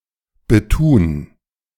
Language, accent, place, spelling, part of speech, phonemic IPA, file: German, Germany, Berlin, betun, verb, /bəˈtuːn/, De-betun.ogg
- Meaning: to care for, strive for